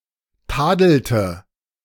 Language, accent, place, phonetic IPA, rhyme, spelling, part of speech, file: German, Germany, Berlin, [ˈtaːdl̩tə], -aːdl̩tə, tadelte, verb, De-tadelte.ogg
- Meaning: inflection of tadeln: 1. first/third-person singular preterite 2. first/third-person singular subjunctive II